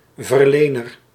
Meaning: 1. provider 2. giver
- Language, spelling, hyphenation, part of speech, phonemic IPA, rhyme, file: Dutch, verlener, ver‧le‧ner, noun, /vərˈleː.nər/, -eːnər, Nl-verlener.ogg